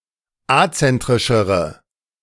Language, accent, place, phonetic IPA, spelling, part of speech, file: German, Germany, Berlin, [ˈat͡sɛntʁɪʃəʁə], azentrischere, adjective, De-azentrischere.ogg
- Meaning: inflection of azentrisch: 1. strong/mixed nominative/accusative feminine singular comparative degree 2. strong nominative/accusative plural comparative degree